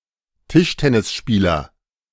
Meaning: table tennis player (male or of unspecified sex)
- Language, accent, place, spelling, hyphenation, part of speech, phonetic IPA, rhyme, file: German, Germany, Berlin, Tischtennisspieler, Tisch‧ten‧nis‧spie‧ler, noun, [ˈtɪʃtɛnɪsˌʃpiːlɐ], -iːlɐ, De-Tischtennisspieler.ogg